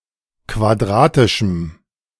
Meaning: strong dative masculine/neuter singular of quadratisch
- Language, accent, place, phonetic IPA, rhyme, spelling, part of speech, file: German, Germany, Berlin, [kvaˈdʁaːtɪʃm̩], -aːtɪʃm̩, quadratischem, adjective, De-quadratischem.ogg